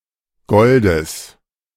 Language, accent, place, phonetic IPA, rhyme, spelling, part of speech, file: German, Germany, Berlin, [ˈɡɔldəs], -ɔldəs, Goldes, noun, De-Goldes.ogg
- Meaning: genitive singular of Gold